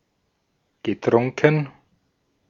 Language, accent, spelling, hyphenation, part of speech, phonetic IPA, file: German, Austria, getrunken, ge‧trun‧ken, verb, [ɡəˈtʁʊŋkn̩], De-at-getrunken.ogg
- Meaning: past participle of trinken